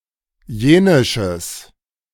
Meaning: strong/mixed nominative/accusative neuter singular of jenisch
- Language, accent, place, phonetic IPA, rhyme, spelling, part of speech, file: German, Germany, Berlin, [ˈjeːnɪʃəs], -eːnɪʃəs, jenisches, adjective, De-jenisches.ogg